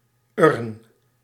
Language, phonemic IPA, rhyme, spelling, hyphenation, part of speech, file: Dutch, /ʏrn/, -ʏrn, urn, urn, noun, Nl-urn.ogg
- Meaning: 1. funerary urn 2. any other footed vase